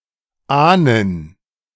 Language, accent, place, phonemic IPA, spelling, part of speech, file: German, Germany, Berlin, /ˈʔaːnən/, ahnen, verb, De-ahnen.ogg
- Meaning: to suspect, guess